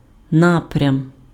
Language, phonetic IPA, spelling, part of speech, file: Ukrainian, [ˈnaprʲɐm], напрям, noun, Uk-напрям.ogg
- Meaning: direction, trend, tendency, course